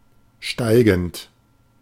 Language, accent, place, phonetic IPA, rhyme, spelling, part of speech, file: German, Germany, Berlin, [ˈʃtaɪ̯ɡn̩t], -aɪ̯ɡn̩t, steigend, adjective, De-steigend.ogg
- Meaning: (verb) present participle of steigen; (adjective) 1. rising 2. increasing